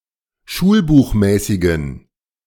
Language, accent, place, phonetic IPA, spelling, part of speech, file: German, Germany, Berlin, [ˈʃuːlbuːxˌmɛːsɪɡn̩], schulbuchmäßigen, adjective, De-schulbuchmäßigen.ogg
- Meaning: inflection of schulbuchmäßig: 1. strong genitive masculine/neuter singular 2. weak/mixed genitive/dative all-gender singular 3. strong/weak/mixed accusative masculine singular 4. strong dative plural